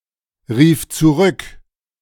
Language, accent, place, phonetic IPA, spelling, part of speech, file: German, Germany, Berlin, [ˌʁiːf t͡suˈʁʏk], rief zurück, verb, De-rief zurück.ogg
- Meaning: first/third-person singular preterite of zurückrufen